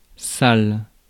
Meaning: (adjective) 1. dirty 2. bad, unpleasant 3. vile, despicable; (verb) inflection of saler: 1. first/third-person singular present indicative/subjunctive 2. second-person singular imperative
- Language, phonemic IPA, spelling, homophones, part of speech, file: French, /sal/, sale, salle, adjective / verb, Fr-sale.ogg